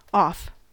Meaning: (adverb) 1. In a direction away from the speaker or other reference point 2. Into a state of non-operation or non-existence 3. So as to remove or separate, or be removed or separated
- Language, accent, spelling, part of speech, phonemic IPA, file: English, US, off, adverb / adjective / preposition / verb / noun, /ɔf/, En-us-off.ogg